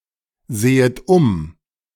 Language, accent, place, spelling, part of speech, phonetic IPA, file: German, Germany, Berlin, sehet um, verb, [ˌzeːət ˈʊm], De-sehet um.ogg
- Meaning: second-person plural subjunctive I of umsehen